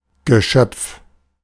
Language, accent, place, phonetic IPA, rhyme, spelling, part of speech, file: German, Germany, Berlin, [ɡəˈʃœp͡f], -œp͡f, Geschöpf, noun, De-Geschöpf.ogg
- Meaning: creature